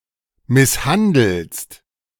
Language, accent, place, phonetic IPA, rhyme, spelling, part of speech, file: German, Germany, Berlin, [ˌmɪsˈhandl̩st], -andl̩st, misshandelst, verb, De-misshandelst.ogg
- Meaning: second-person singular present of misshandeln